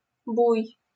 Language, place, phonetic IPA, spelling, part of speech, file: Russian, Saint Petersburg, [buj], буй, noun, LL-Q7737 (rus)-буй.wav
- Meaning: buoy